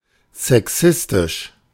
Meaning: sexist
- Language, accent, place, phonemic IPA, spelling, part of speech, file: German, Germany, Berlin, /zɛˈksɪstɪʃ/, sexistisch, adjective, De-sexistisch.ogg